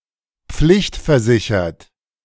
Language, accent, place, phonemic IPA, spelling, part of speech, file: German, Germany, Berlin, /ˈpflɪçtfɛɐ̯ˌzɪçɐt/, pflichtversichert, adjective, De-pflichtversichert.ogg
- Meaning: compulsorily insured